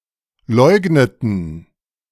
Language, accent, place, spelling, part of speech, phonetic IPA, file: German, Germany, Berlin, leugneten, verb, [ˈlɔɪ̯ɡnətn̩], De-leugneten.ogg
- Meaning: inflection of leugnen: 1. first/third-person plural preterite 2. first/third-person plural subjunctive II